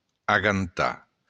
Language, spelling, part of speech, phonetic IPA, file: Occitan, agantar, verb, [aɣanˈta], LL-Q942602-agantar.wav
- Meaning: to grab; to seize